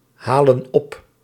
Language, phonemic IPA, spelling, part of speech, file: Dutch, /ˈhalə(n) ˈɔp/, halen op, verb, Nl-halen op.ogg
- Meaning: inflection of ophalen: 1. plural present indicative 2. plural present subjunctive